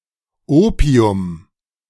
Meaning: opium
- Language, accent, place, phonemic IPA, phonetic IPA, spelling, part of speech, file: German, Germany, Berlin, /ˈoːpiʊm/, [ˈʔoːpʰiʊm], Opium, noun, De-Opium.ogg